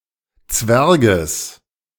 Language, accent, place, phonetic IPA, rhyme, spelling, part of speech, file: German, Germany, Berlin, [ˈt͡svɛʁɡəs], -ɛʁɡəs, Zwerges, noun, De-Zwerges.ogg
- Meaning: genitive singular of Zwerg